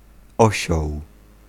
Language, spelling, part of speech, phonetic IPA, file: Polish, osioł, noun, [ˈɔɕɔw], Pl-osioł.ogg